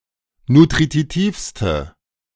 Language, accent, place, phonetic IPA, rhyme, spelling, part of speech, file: German, Germany, Berlin, [nutʁiˈtiːfstə], -iːfstə, nutritivste, adjective, De-nutritivste.ogg
- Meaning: inflection of nutritiv: 1. strong/mixed nominative/accusative feminine singular superlative degree 2. strong nominative/accusative plural superlative degree